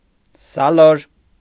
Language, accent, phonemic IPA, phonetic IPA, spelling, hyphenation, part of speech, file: Armenian, Eastern Armenian, /sɑˈloɾ/, [sɑlóɾ], սալոր, սա‧լոր, noun, Hy-սալոր.ogg
- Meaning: plum (fruit)